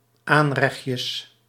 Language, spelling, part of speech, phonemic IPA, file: Dutch, aanrechtjes, noun, /ˈanrɛx(t)jəs/, Nl-aanrechtjes.ogg
- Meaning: plural of aanrechtje